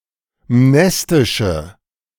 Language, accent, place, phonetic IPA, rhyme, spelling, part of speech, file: German, Germany, Berlin, [ˈmnɛstɪʃə], -ɛstɪʃə, mnestische, adjective, De-mnestische.ogg
- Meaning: inflection of mnestisch: 1. strong/mixed nominative/accusative feminine singular 2. strong nominative/accusative plural 3. weak nominative all-gender singular